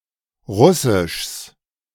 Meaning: genitive singular of Russisch
- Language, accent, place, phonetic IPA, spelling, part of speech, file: German, Germany, Berlin, [ˈʁʊsɪʃs], Russischs, noun, De-Russischs.ogg